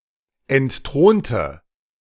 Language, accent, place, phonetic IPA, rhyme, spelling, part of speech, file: German, Germany, Berlin, [ɛntˈtʁoːntə], -oːntə, entthronte, adjective / verb, De-entthronte.ogg
- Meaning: inflection of entthronen: 1. first/third-person singular preterite 2. first/third-person singular subjunctive II